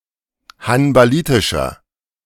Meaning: inflection of hanbalitisch: 1. strong/mixed nominative masculine singular 2. strong genitive/dative feminine singular 3. strong genitive plural
- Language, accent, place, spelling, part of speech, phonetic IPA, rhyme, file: German, Germany, Berlin, hanbalitischer, adjective, [hanbaˈliːtɪʃɐ], -iːtɪʃɐ, De-hanbalitischer.ogg